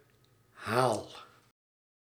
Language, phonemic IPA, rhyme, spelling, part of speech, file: Dutch, /ɦaːl/, -aːl, haal, verb, Nl-haal.ogg
- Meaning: inflection of halen: 1. first-person singular present indicative 2. second-person singular present indicative 3. imperative